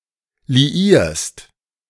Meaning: second-person singular present of liieren
- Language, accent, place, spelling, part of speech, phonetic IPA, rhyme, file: German, Germany, Berlin, liierst, verb, [liˈiːɐ̯st], -iːɐ̯st, De-liierst.ogg